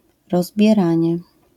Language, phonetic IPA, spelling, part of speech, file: Polish, [ˌrɔzbʲjɛˈrãɲɛ], rozbieranie, noun, LL-Q809 (pol)-rozbieranie.wav